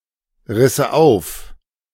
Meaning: first/third-person singular subjunctive II of aufreißen
- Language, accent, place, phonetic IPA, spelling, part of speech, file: German, Germany, Berlin, [ˌʁɪsə ˈaʊ̯f], risse auf, verb, De-risse auf.ogg